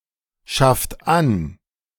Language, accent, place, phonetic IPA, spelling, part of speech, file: German, Germany, Berlin, [ˌʃaft ˈan], schafft an, verb, De-schafft an.ogg
- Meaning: inflection of anschaffen: 1. second-person plural present 2. third-person singular present 3. plural imperative